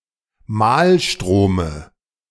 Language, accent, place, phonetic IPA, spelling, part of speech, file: German, Germany, Berlin, [ˈmaːlˌʃtʁoːmə], Mahlstrome, noun, De-Mahlstrome.ogg
- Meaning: dative singular of Mahlstrom